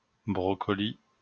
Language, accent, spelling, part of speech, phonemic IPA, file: French, France, brocoli, noun, /bʁɔ.kɔ.li/, LL-Q150 (fra)-brocoli.wav
- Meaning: broccoli